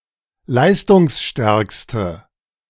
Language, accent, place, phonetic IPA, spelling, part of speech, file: German, Germany, Berlin, [ˈlaɪ̯stʊŋsˌʃtɛʁkstə], leistungsstärkste, adjective, De-leistungsstärkste.ogg
- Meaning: inflection of leistungsstark: 1. strong/mixed nominative/accusative feminine singular superlative degree 2. strong nominative/accusative plural superlative degree